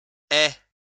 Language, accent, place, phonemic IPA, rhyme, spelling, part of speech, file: French, France, Lyon, /ɛ/, -ɛ, aie, verb, LL-Q150 (fra)-aie.wav
- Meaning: 1. inflection of avoir 2. inflection of avoir: first-person singular present subjunctive 3. inflection of avoir: second-person singular present imperative